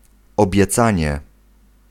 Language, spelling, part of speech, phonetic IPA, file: Polish, obiecanie, noun, [ˌɔbʲjɛˈt͡sãɲɛ], Pl-obiecanie.ogg